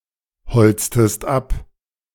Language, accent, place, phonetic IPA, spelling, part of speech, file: German, Germany, Berlin, [ˌhɔlt͡stəst ˈap], holztest ab, verb, De-holztest ab.ogg
- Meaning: inflection of abholzen: 1. second-person singular preterite 2. second-person singular subjunctive II